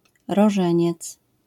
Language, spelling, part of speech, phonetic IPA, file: Polish, rożeniec, noun, [rɔˈʒɛ̃ɲɛt͡s], LL-Q809 (pol)-rożeniec.wav